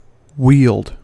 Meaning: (verb) 1. To handle with skill and ease, especially a weapon or tool 2. To exercise (authority or influence) effectively 3. To command, rule over; to possess or own 4. To control, to guide or manage
- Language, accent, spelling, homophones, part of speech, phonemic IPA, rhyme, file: English, US, wield, wealed / Weald / weald, verb / noun, /wiːld/, -iːld, En-us-wield.ogg